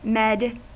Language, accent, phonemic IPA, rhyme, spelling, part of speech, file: English, US, /mɛːd/, -ɛd, med, adjective / noun / verb, En-us-med.ogg
- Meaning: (adjective) 1. Clipping of medical 2. Clipping of median; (noun) 1. Medications, especially prescribed psychoactive medications 2. Clipping of medicine, as an academic subject 3. A medic; a doctor